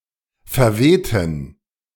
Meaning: inflection of verwehen: 1. first/third-person plural preterite 2. first/third-person plural subjunctive II
- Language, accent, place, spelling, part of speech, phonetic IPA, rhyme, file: German, Germany, Berlin, verwehten, adjective / verb, [fɛɐ̯ˈveːtn̩], -eːtn̩, De-verwehten.ogg